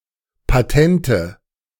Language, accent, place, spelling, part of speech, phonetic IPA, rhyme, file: German, Germany, Berlin, Patente, noun, [paˈtɛntə], -ɛntə, De-Patente.ogg
- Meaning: nominative/accusative/genitive plural of Patent